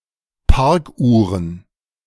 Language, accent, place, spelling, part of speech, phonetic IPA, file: German, Germany, Berlin, Parkuhren, noun, [ˈpaʁkˌʔuːʁən], De-Parkuhren.ogg
- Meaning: plural of Parkuhr